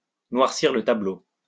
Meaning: to paint a bleak picture of a situation, to make something seem worse than it really is
- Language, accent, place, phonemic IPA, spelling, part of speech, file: French, France, Lyon, /nwaʁ.siʁ lə ta.blo/, noircir le tableau, verb, LL-Q150 (fra)-noircir le tableau.wav